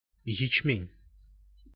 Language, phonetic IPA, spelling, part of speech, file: Russian, [(j)ɪt͡ɕˈmʲenʲ], ячмень, noun, Ru-ячмень.ogg
- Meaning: 1. barley (annual temperate grasses of the species Hordeum vulgare or its grain used in making food and beverages) 2. stye (bacterial infection of the eyelash or eyelid)